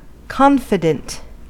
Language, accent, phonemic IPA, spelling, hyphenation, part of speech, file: English, US, /ˈkɑnfɪdənt/, confident, con‧fi‧dent, adjective / noun, En-us-confident.ogg
- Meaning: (adjective) 1. Very sure of something; positive 2. Self-assured, self-reliant, sure of oneself 3. Forward, impudent; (noun) Obsolete form of confidant